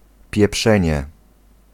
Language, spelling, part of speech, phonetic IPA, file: Polish, pieprzenie, noun, [pʲjɛˈpʃɛ̃ɲɛ], Pl-pieprzenie.ogg